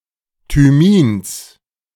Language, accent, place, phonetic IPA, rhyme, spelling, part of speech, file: German, Germany, Berlin, [tyˈmiːns], -iːns, Thymins, noun, De-Thymins.ogg
- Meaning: genitive singular of Thymin